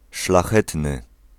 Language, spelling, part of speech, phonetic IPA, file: Polish, szlachetny, adjective, [ʃlaˈxɛtnɨ], Pl-szlachetny.ogg